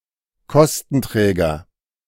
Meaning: 1. cost object 2. cost-covering institution
- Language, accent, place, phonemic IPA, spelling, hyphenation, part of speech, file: German, Germany, Berlin, /ˈkɔstn̩ˌtʁɛːɡɐ/, Kostenträger, Kos‧ten‧trä‧ger, noun, De-Kostenträger.ogg